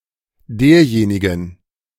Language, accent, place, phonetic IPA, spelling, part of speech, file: German, Germany, Berlin, [ˈdeːɐ̯ˌjeːnɪɡn̩], derjenigen, determiner, De-derjenigen.ogg
- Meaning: 1. genitive plural of derjenige 2. dative feminine singular of derjenige